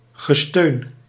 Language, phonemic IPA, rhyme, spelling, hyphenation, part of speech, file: Dutch, /ɣəˈstøːn/, -øːn, gesteun, ge‧steun, noun, Nl-gesteun.ogg
- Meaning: groaning